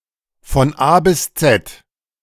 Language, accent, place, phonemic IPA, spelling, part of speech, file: German, Germany, Berlin, /fɔn ˌʔaː bɪs ˈtsɛt/, von A bis Z, adverb, De-von A bis Z.ogg
- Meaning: from A to Z (comprehensively)